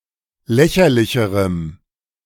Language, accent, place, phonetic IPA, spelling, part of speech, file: German, Germany, Berlin, [ˈlɛçɐlɪçəʁəm], lächerlicherem, adjective, De-lächerlicherem.ogg
- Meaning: strong dative masculine/neuter singular comparative degree of lächerlich